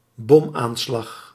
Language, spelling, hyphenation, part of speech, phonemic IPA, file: Dutch, bomaanslag, bom‧aan‧slag, noun, /ˈbɔm.aːnˌslɑx/, Nl-bomaanslag.ogg
- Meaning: bomb attack (mostly used for attacks by people not part of regular troops, with a negative connotation)